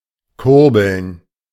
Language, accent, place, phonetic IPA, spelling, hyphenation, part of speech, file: German, Germany, Berlin, [ˈkʊʁbl̩n], kurbeln, kur‧beln, verb, De-kurbeln.ogg
- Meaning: to crank